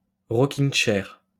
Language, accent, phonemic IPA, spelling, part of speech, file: French, France, /ʁɔ.kiŋ (t)ʃɛʁ/, rocking-chair, noun, LL-Q150 (fra)-rocking-chair.wav
- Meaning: rocking chair